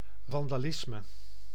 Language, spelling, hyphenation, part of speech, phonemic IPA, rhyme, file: Dutch, vandalisme, van‧da‧lis‧me, noun, /ˌvɑn.daːˈlɪs.mə/, -ɪsmə, Nl-vandalisme.ogg
- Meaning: vandalism (needless damage or destruction of property)